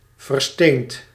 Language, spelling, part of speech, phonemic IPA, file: Dutch, versteend, adjective / verb, /vərˈstent/, Nl-versteend.ogg
- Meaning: past participle of verstenen